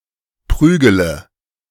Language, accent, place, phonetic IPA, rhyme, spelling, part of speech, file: German, Germany, Berlin, [ˈpʁyːɡələ], -yːɡələ, prügele, verb, De-prügele.ogg
- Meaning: inflection of prügeln: 1. first-person singular present 2. singular imperative 3. first/third-person singular subjunctive I